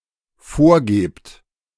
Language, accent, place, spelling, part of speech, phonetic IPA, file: German, Germany, Berlin, vorgebt, verb, [ˈfoːɐ̯ˌɡeːpt], De-vorgebt.ogg
- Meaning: second-person plural dependent present of vorgeben